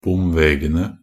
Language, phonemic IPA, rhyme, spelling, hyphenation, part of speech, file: Norwegian Bokmål, /ˈbʊmʋeːɡənə/, -ənə, bomvegene, bom‧ve‧ge‧ne, noun, Nb-bomvegene.ogg
- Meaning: definite plural of bomveg